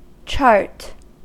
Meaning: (noun) 1. A map.: A map illustrating the geography of a specific phenomenon 2. A map.: A navigator's map 3. A systematic non-narrative presentation of data.: A tabular presentation of data; a table
- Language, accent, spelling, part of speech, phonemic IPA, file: English, US, chart, noun / verb, /t͡ʃɑɹt/, En-us-chart.ogg